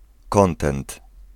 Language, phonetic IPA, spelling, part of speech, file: Polish, [ˈkɔ̃ntɛ̃nt], kontent, adjective / noun, Pl-kontent.ogg